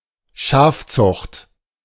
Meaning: sheep farming, sheep husbandry (the raising and breeding of domestic sheep)
- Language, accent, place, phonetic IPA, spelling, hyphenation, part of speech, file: German, Germany, Berlin, [ˈʃaːfˌt͡sʊxt], Schafzucht, Schaf‧zucht, noun, De-Schafzucht.ogg